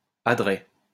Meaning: sun-facing side of a mountain
- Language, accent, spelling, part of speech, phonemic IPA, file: French, France, adret, noun, /a.dʁɛ/, LL-Q150 (fra)-adret.wav